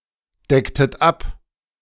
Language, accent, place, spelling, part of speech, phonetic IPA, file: German, Germany, Berlin, decktet ab, verb, [ˌdɛktət ˈap], De-decktet ab.ogg
- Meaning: inflection of abdecken: 1. second-person plural preterite 2. second-person plural subjunctive II